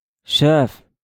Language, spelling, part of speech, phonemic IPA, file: Moroccan Arabic, شاف, verb / noun, /ʃaːf/, LL-Q56426 (ary)-شاف.wav
- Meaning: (verb) to see (to perceive with the eyes); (noun) boss, manager